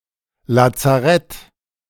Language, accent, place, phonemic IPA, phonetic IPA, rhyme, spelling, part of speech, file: German, Germany, Berlin, /latsaˈrɛt/, [lät͡säˈʁɛt], -ɛt, Lazarett, noun, De-Lazarett.ogg
- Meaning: 1. any military hospital 2. a military hospital under war conditions 3. short for Feldlazarett (“field hospital”) 4. a similar non-military facility (usually after a natural disaster)